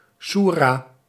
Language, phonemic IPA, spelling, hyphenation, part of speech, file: Dutch, /ˈsuː.raː/, soera, soe‧ra, noun, Nl-soera.ogg
- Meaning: surah, chapter of the Qur'an